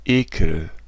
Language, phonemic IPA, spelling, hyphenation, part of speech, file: German, /ˈeːkəl/, Ekel, Ekel, noun, De-Ekel.ogg
- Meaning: 1. disgust, loathing 2. a mean or repulsive person